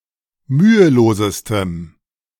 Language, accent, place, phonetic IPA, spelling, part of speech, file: German, Germany, Berlin, [ˈmyːəˌloːzəstəm], mühelosestem, adjective, De-mühelosestem.ogg
- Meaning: strong dative masculine/neuter singular superlative degree of mühelos